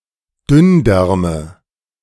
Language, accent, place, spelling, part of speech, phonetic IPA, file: German, Germany, Berlin, Dünndärme, noun, [ˈdʏnˌdɛʁmə], De-Dünndärme.ogg
- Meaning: nominative/accusative/genitive plural of Dünndarm